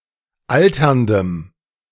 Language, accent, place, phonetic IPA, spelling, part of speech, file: German, Germany, Berlin, [ˈaltɐndəm], alterndem, adjective, De-alterndem.ogg
- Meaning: strong dative masculine/neuter singular of alternd